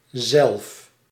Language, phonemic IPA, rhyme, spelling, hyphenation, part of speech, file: Dutch, /zɛlf/, -ɛlf, zelf, zelf, adverb / noun, Nl-zelf.ogg
- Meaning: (adverb) 1. oneself, referring to the subject of a sentence: myself, yourself, itself, ourselves, themselves etc 2. oneself, by oneself, alone; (noun) self